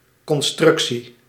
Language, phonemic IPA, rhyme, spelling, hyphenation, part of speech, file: Dutch, /ˌkɔnˈstrʏk.si/, -ʏksi, constructie, con‧struc‧tie, noun, Nl-constructie.ogg
- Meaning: construction